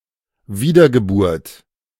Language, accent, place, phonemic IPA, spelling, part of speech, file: German, Germany, Berlin, /ˈviːdɐɡəˌbʊʁt/, Wiedergeburt, noun, De-Wiedergeburt.ogg
- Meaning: rebirth, reincarnation